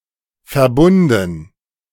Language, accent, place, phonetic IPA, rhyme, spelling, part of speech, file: German, Germany, Berlin, [fɛɐ̯ˈbʊndn̩], -ʊndn̩, Verbunden, noun, De-Verbunden.ogg
- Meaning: dative plural of Verbund